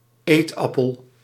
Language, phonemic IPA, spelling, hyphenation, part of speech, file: Dutch, /ˈeːtˌɑ.pəl/, eetappel, eet‧ap‧pel, noun, Nl-eetappel.ogg
- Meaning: an apple (of a) variety best fit to be eaten whole and raw, peeled or not, rather than used in recipes (cooked, fried etc.); an eating apple or table apple